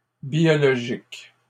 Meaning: plural of biologique
- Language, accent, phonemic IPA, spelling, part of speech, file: French, Canada, /bjɔ.lɔ.ʒik/, biologiques, adjective, LL-Q150 (fra)-biologiques.wav